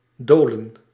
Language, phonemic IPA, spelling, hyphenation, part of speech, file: Dutch, /ˈdoːlə(n)/, dolen, do‧len, verb, Nl-dolen.ogg
- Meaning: to wander, to roam